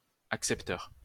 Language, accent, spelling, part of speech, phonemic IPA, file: French, France, accepteur, noun, /ak.sɛp.tœʁ/, LL-Q150 (fra)-accepteur.wav
- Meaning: acceptor